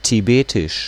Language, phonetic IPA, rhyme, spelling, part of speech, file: German, [tiˈbeːtɪʃ], -eːtɪʃ, Tibetisch, noun, De-Tibetisch.ogg
- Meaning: the Tibetan language